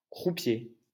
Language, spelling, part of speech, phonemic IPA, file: French, croupier, noun, /kʁu.pje/, LL-Q150 (fra)-croupier.wav
- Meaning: croupier